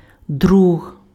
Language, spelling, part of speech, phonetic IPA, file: Ukrainian, друг, noun, [druɦ], Uk-друг.ogg
- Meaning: friend, companion